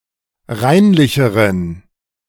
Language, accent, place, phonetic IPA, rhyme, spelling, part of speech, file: German, Germany, Berlin, [ˈʁaɪ̯nlɪçəʁən], -aɪ̯nlɪçəʁən, reinlicheren, adjective, De-reinlicheren.ogg
- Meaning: inflection of reinlich: 1. strong genitive masculine/neuter singular comparative degree 2. weak/mixed genitive/dative all-gender singular comparative degree